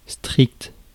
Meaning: strict
- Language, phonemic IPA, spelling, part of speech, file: French, /stʁikt/, strict, adjective, Fr-strict.ogg